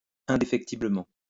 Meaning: indefectibly, unfailingly, unswervingly
- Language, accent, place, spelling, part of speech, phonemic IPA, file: French, France, Lyon, indéfectiblement, adverb, /ɛ̃.de.fɛk.ti.blə.mɑ̃/, LL-Q150 (fra)-indéfectiblement.wav